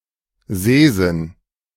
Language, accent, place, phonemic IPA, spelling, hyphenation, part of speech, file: German, Germany, Berlin, /ˈzeːˌzɪn/, Sehsinn, Seh‧sinn, noun, De-Sehsinn.ogg
- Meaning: sense of sight